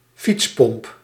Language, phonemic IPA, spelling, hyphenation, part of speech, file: Dutch, /ˈfits.pɔmp/, fietspomp, fiets‧pomp, noun, Nl-fietspomp.ogg
- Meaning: a bicycle pump, an inflator, a cycle pump